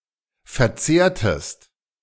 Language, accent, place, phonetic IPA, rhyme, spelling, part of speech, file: German, Germany, Berlin, [fɛɐ̯ˈt͡seːɐ̯təst], -eːɐ̯təst, verzehrtest, verb, De-verzehrtest.ogg
- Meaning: inflection of verzehren: 1. second-person singular preterite 2. second-person singular subjunctive II